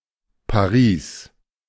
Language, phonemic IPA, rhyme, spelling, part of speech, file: German, /paˈʁiːs/, -iːs, Paris, proper noun, De-Paris.ogg
- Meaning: Paris (the capital and largest city of France)